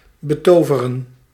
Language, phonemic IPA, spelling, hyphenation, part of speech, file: Dutch, /bəˈtoːvərə(n)/, betoveren, be‧to‧ve‧ren, verb, Nl-betoveren.ogg
- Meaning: 1. to enchant 2. to fascinate